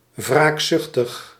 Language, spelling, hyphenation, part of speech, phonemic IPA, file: Dutch, wraakzuchtig, wraak‧zuch‧tig, adjective, /ˌvraːkˈzʏx.təx/, Nl-wraakzuchtig.ogg
- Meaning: vengeful, eager for revenge, vindictive